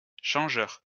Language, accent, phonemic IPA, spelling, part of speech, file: French, France, /ʃɑ̃.ʒœʁ/, changeur, noun, LL-Q150 (fra)-changeur.wav
- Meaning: 1. changer; money changer 2. changer